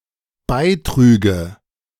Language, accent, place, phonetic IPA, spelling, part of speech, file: German, Germany, Berlin, [ˈbaɪ̯ˌtʁyːɡə], beitrüge, verb, De-beitrüge.ogg
- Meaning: first/third-person singular dependent subjunctive II of beitragen